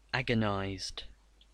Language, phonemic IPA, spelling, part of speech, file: English, /ˈæ.ɡən.aɪzd/, agonized, adjective / verb, En-agonized.ogg
- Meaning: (adjective) Alternative spelling of agonised; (verb) simple past and past participle of agonize